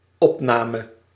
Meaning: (noun) 1. the act of absorbing or assimilating, uptake, absorption 2. a recording, a record, something that has been recorded 3. the act of recording 4. the act of including, adopting or assimilating
- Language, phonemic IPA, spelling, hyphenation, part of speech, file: Dutch, /ˈɔpˌnaː.mə/, opname, op‧na‧me, noun / verb, Nl-opname.ogg